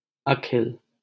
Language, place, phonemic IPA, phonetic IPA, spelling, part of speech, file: Hindi, Delhi, /ə.kʰɪl/, [ɐ.kʰɪl], अखिल, adjective / proper noun, LL-Q1568 (hin)-अखिल.wav
- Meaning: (adjective) complete, whole; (proper noun) a male given name, Akhil, from Sanskrit